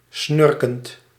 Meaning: present participle of snurken
- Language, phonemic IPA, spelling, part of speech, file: Dutch, /ˈsnʏrkənt/, snurkend, verb / adjective, Nl-snurkend.ogg